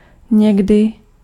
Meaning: sometimes
- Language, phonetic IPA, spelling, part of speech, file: Czech, [ˈɲɛɡdɪ], někdy, adverb, Cs-někdy.ogg